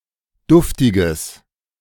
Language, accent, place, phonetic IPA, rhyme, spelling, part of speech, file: German, Germany, Berlin, [ˈdʊftɪɡəs], -ʊftɪɡəs, duftiges, adjective, De-duftiges.ogg
- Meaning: strong/mixed nominative/accusative neuter singular of duftig